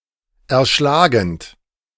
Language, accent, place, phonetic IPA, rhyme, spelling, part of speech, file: German, Germany, Berlin, [ɛɐ̯ˈʃlaːɡn̩t], -aːɡn̩t, erschlagend, verb, De-erschlagend.ogg
- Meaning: present participle of erschlagen